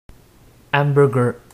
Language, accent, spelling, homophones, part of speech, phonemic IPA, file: French, Quebec, hamburger, hamburgers, noun, /ambɚɡɚ/, Qc-hamburger.ogg
- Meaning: hamburger